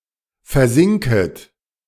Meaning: second-person plural subjunctive I of versinken
- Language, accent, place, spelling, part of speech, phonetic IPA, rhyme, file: German, Germany, Berlin, versinket, verb, [fɛɐ̯ˈzɪŋkət], -ɪŋkət, De-versinket.ogg